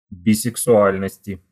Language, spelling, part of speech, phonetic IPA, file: Russian, бисексуальности, noun, [bʲɪsɨksʊˈalʲnəsʲtʲɪ], Ru-бисексуальности.ogg
- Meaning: genitive/dative/prepositional singular of бисексуа́льность (bisɛksuálʹnostʹ)